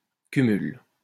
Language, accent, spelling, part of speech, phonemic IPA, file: French, France, cumul, noun, /ky.myl/, LL-Q150 (fra)-cumul.wav
- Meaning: 1. act of holding several things concurrently; combining 2. accumulation